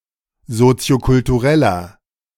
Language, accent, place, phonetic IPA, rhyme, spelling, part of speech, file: German, Germany, Berlin, [ˌzot͡si̯okʊltuˈʁɛlɐ], -ɛlɐ, soziokultureller, adjective, De-soziokultureller.ogg
- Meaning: inflection of soziokulturell: 1. strong/mixed nominative masculine singular 2. strong genitive/dative feminine singular 3. strong genitive plural